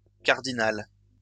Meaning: feminine singular of cardinal
- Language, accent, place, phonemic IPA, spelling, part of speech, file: French, France, Lyon, /kaʁ.di.nal/, cardinale, adjective, LL-Q150 (fra)-cardinale.wav